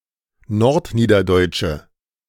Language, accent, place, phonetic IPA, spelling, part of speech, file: German, Germany, Berlin, [ˈnɔʁtˌniːdɐdɔɪ̯t͡ʃə], nordniederdeutsche, adjective, De-nordniederdeutsche.ogg
- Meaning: inflection of nordniederdeutsch: 1. strong/mixed nominative/accusative feminine singular 2. strong nominative/accusative plural 3. weak nominative all-gender singular